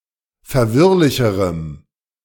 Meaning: strong dative masculine/neuter singular comparative degree of verwirrlich
- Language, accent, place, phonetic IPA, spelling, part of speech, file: German, Germany, Berlin, [fɛɐ̯ˈvɪʁlɪçəʁəm], verwirrlicherem, adjective, De-verwirrlicherem.ogg